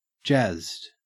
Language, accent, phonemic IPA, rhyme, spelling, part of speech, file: English, Australia, /d͡ʒæzd/, -æzd, jazzed, verb / adjective, En-au-jazzed.ogg
- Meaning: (verb) simple past and past participle of jazz; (adjective) 1. Played in a jazz style 2. Very enthusiastic or excited